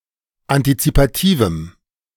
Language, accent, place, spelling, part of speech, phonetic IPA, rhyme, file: German, Germany, Berlin, antizipativem, adjective, [antit͡sipaˈtiːvm̩], -iːvm̩, De-antizipativem.ogg
- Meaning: strong dative masculine/neuter singular of antizipativ